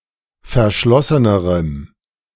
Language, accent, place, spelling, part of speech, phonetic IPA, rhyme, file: German, Germany, Berlin, verschlossenerem, adjective, [fɛɐ̯ˈʃlɔsənəʁəm], -ɔsənəʁəm, De-verschlossenerem.ogg
- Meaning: strong dative masculine/neuter singular comparative degree of verschlossen